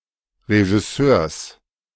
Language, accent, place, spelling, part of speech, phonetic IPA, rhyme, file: German, Germany, Berlin, Regisseurs, noun, [ʁeʒɪˈsøːɐ̯s], -øːɐ̯s, De-Regisseurs.ogg
- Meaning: genitive singular of Regisseur